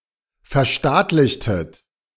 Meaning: inflection of verstaatlichen: 1. second-person plural preterite 2. second-person plural subjunctive II
- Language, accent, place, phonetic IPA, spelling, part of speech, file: German, Germany, Berlin, [fɛɐ̯ˈʃtaːtlɪçtət], verstaatlichtet, verb, De-verstaatlichtet.ogg